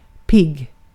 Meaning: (adjective) 1. alert, fresh (often after sleeping, as opposed to drowsy) 2. alert, fresh (often after sleeping, as opposed to drowsy): healthy
- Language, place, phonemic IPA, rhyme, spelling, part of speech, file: Swedish, Gotland, /pɪɡː/, -ɪɡ, pigg, adjective / noun, Sv-pigg.ogg